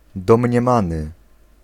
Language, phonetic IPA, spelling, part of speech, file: Polish, [ˌdɔ̃mʲɲɛ̃ˈmãnɨ], domniemany, adjective, Pl-domniemany.ogg